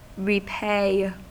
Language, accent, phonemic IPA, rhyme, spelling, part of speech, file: English, US, /ɹiˈpeɪ/, -eɪ, repay, verb, En-us-repay.ogg
- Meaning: 1. Synonym of pay back in all senses 2. To make worthwhile; to yield a result worth the effort; to pay off 3. To give in return; requite 4. To pay (cover with tar, pitch, etc.) again